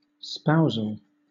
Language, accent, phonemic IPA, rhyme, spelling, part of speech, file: English, Southern England, /ˈspaʊzəl/, -aʊzəl, spousal, adjective / noun, LL-Q1860 (eng)-spousal.wav
- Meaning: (adjective) 1. of or relating to marriage 2. of or relating to a spouse, spouses; to the relationship between spouses; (noun) Espousal; marriage; nuptials